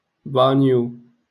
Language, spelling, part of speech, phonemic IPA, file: Moroccan Arabic, بانيو, noun, /baːnju/, LL-Q56426 (ary)-بانيو.wav
- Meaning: bathtub